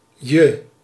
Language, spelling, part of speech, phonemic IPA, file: Dutch, je, pronoun / determiner, /jə/, Nl-je.ogg
- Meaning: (pronoun) 1. subjective unstressed form of jij (“you (singular)”) 2. objective unstressed form of jij (“you (singular)”) 3. subjective unstressed form of jullie (“you (plural), y'all”)